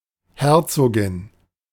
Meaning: duchess
- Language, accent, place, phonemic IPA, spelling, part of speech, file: German, Germany, Berlin, /ˈhɛʁ.t͡soː.ɡɪn/, Herzogin, noun, De-Herzogin.ogg